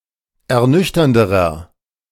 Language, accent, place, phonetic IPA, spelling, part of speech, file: German, Germany, Berlin, [ɛɐ̯ˈnʏçtɐndəʁɐ], ernüchternderer, adjective, De-ernüchternderer.ogg
- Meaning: inflection of ernüchternd: 1. strong/mixed nominative masculine singular comparative degree 2. strong genitive/dative feminine singular comparative degree 3. strong genitive plural comparative degree